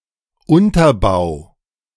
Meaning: 1. foundation (of a building, or of a theoretical concept) 2. base, pedestal
- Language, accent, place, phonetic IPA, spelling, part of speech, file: German, Germany, Berlin, [ˈʊntɐˌbaʊ̯], Unterbau, noun, De-Unterbau.ogg